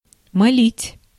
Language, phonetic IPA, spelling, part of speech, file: Russian, [mɐˈlʲitʲ], молить, verb, Ru-молить.ogg
- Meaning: 1. to implore, to entreat, to beseech 2. to pray, to beg